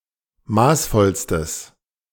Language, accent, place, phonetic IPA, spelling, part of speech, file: German, Germany, Berlin, [ˈmaːsˌfɔlstəs], maßvollstes, adjective, De-maßvollstes.ogg
- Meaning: strong/mixed nominative/accusative neuter singular superlative degree of maßvoll